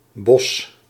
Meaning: a surname
- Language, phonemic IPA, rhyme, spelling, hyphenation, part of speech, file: Dutch, /bɔs/, -ɔs, Bos, Bos, proper noun, Nl-Bos.ogg